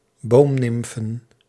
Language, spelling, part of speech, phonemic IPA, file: Dutch, boomnimfen, noun, /ˈbomnɪmfə(n)/, Nl-boomnimfen.ogg
- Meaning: plural of boomnimf